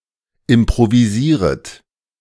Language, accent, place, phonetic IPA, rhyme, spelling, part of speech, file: German, Germany, Berlin, [ɪmpʁoviˈziːʁət], -iːʁət, improvisieret, verb, De-improvisieret.ogg
- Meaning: second-person plural subjunctive I of improvisieren